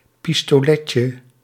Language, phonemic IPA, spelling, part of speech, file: Dutch, /ˌpistoˈlɛcə/, pistoletje, noun, Nl-pistoletje.ogg
- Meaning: diminutive of pistolet